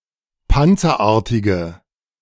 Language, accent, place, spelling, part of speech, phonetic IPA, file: German, Germany, Berlin, panzerartige, adjective, [ˈpant͡sɐˌʔaːɐ̯tɪɡə], De-panzerartige.ogg
- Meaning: inflection of panzerartig: 1. strong/mixed nominative/accusative feminine singular 2. strong nominative/accusative plural 3. weak nominative all-gender singular